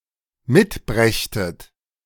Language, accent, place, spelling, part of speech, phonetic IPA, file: German, Germany, Berlin, mitbrächtet, verb, [ˈmɪtˌbʁɛçtət], De-mitbrächtet.ogg
- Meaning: second-person plural dependent subjunctive II of mitbringen